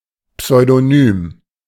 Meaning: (adjective) pseudonymous; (adverb) pseudonymously, in a pseudonymous manner
- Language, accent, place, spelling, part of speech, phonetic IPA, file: German, Germany, Berlin, pseudonym, adjective / adverb, [psɔɪ̯doˈnyːm], De-pseudonym.ogg